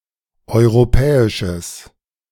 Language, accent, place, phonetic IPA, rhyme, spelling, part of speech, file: German, Germany, Berlin, [ˌɔɪ̯ʁoˈpɛːɪʃəs], -ɛːɪʃəs, europäisches, adjective, De-europäisches.ogg
- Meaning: strong/mixed nominative/accusative neuter singular of europäisch